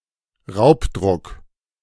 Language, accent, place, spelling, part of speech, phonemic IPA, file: German, Germany, Berlin, Raubdruck, noun, /ˈʁaʊ̯pˌdʁʊk/, De-Raubdruck.ogg
- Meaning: pirated copy; pirated version